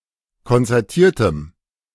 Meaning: strong dative masculine/neuter singular of konzertiert
- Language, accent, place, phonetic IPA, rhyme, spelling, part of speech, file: German, Germany, Berlin, [kɔnt͡sɛʁˈtiːɐ̯təm], -iːɐ̯təm, konzertiertem, adjective, De-konzertiertem.ogg